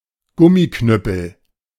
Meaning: 1. A (rubber) truncheon 2. A nightstick
- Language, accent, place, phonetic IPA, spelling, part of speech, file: German, Germany, Berlin, [ˈɡʊmiˌknʏpl̩], Gummiknüppel, noun, De-Gummiknüppel.ogg